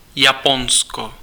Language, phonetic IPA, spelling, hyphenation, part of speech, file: Czech, [ˈjaponsko], Japonsko, Ja‧pon‧sko, proper noun, Cs-Japonsko.ogg
- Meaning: Japan (a country in East Asia)